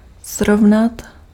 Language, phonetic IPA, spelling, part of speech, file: Czech, [ˈsrovnat], srovnat, verb, Cs-srovnat.ogg
- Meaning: 1. to compare 2. to equalise 3. to arrange 4. to level, plain or raze